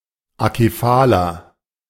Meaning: inflection of akephal: 1. strong/mixed nominative masculine singular 2. strong genitive/dative feminine singular 3. strong genitive plural
- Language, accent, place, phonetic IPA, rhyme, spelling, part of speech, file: German, Germany, Berlin, [akeˈfaːlɐ], -aːlɐ, akephaler, adjective, De-akephaler.ogg